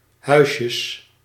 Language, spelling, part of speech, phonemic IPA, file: Dutch, huisjes, noun, /ˈhœyʃəs/, Nl-huisjes.ogg
- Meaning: plural of huisje